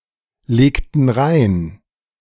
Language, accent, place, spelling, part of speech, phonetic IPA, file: German, Germany, Berlin, legten rein, verb, [ˌleːktn̩ ˈʁaɪ̯n], De-legten rein.ogg
- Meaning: inflection of reinlegen: 1. first/third-person plural preterite 2. first/third-person plural subjunctive II